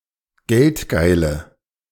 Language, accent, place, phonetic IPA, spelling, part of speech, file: German, Germany, Berlin, [ˈɡɛltˌɡaɪ̯lə], geldgeile, adjective, De-geldgeile.ogg
- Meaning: inflection of geldgeil: 1. strong/mixed nominative/accusative feminine singular 2. strong nominative/accusative plural 3. weak nominative all-gender singular